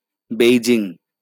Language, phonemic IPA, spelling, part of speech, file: Bengali, /bei.d͡ʒiŋ/, বেইজিং, proper noun, LL-Q9610 (ben)-বেইজিং.wav
- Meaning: Beijing (a direct-administered municipality, the capital city of China)